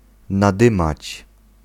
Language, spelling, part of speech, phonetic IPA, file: Polish, nadymać, verb, [naˈdɨ̃mat͡ɕ], Pl-nadymać.ogg